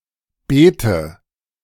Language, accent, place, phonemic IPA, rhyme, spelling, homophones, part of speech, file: German, Germany, Berlin, /ˈbeːtə/, -eːtə, Bete, bete / Beete, noun, De-Bete.ogg
- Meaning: 1. beet; chiefly in Rote Bete 2. alternative form of Bitte (“plea, request”) 3. alternative form of Bede (“kind of historic tax”)